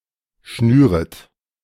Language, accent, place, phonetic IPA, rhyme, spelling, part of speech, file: German, Germany, Berlin, [ˈʃnyːʁət], -yːʁət, schnüret, verb, De-schnüret.ogg
- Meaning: second-person plural subjunctive I of schnüren